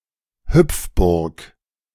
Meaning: bouncing castle
- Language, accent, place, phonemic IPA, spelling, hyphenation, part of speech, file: German, Germany, Berlin, /ˈhʏpfbʊʁk/, Hüpfburg, Hüpf‧burg, noun, De-Hüpfburg.ogg